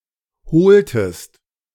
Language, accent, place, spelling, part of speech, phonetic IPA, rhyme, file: German, Germany, Berlin, holtest, verb, [ˈhoːltəst], -oːltəst, De-holtest.ogg
- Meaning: inflection of holen: 1. second-person singular preterite 2. second-person singular subjunctive II